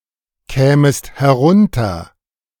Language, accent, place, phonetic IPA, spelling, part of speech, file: German, Germany, Berlin, [ˌkɛːməst hɛˈʁʊntɐ], kämest herunter, verb, De-kämest herunter.ogg
- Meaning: second-person singular subjunctive II of herunterkommen